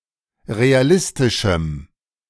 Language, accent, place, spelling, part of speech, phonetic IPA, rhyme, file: German, Germany, Berlin, realistischem, adjective, [ʁeaˈlɪstɪʃm̩], -ɪstɪʃm̩, De-realistischem.ogg
- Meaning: strong dative masculine/neuter singular of realistisch